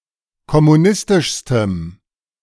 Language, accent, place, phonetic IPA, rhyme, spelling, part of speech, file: German, Germany, Berlin, [kɔmuˈnɪstɪʃstəm], -ɪstɪʃstəm, kommunistischstem, adjective, De-kommunistischstem.ogg
- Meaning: strong dative masculine/neuter singular superlative degree of kommunistisch